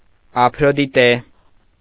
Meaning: alternative form of Աֆրոդիտե (Afrodite)
- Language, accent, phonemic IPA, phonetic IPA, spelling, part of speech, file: Armenian, Eastern Armenian, /ɑpʰɾodiˈte/, [ɑpʰɾodité], Ափրոդիտե, proper noun, Hy-Ափրոդիտե.ogg